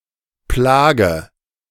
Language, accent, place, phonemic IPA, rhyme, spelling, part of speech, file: German, Germany, Berlin, /ˈplaːɡə/, -aːɡə, Plage, noun, De-Plage.ogg
- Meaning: 1. plague (affliction or hardship, particularly when seen as a divine punishment) 2. plague; epidemic 3. nuisance; annoyance; something annoying